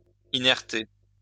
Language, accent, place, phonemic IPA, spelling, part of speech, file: French, France, Lyon, /i.nɛʁ.te/, inerter, verb, LL-Q150 (fra)-inerter.wav
- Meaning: 1. to replace a dangerous gas with a safe one 2. to make inert or safe (especially radioactive waste)